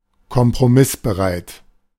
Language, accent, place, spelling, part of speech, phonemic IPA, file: German, Germany, Berlin, kompromissbereit, adjective, /kɔmpʁoˈmɪsbəˌʁaɪ̯t/, De-kompromissbereit.ogg
- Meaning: ready to compromise